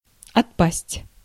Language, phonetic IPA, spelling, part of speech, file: Russian, [ɐtˈpasʲtʲ], отпасть, verb, Ru-отпасть.ogg
- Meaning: 1. to fall off, to fall away 2. to break away (from) 3. to be dismissed, to fall away 4. to pass 5. to become redundant, to fall out of use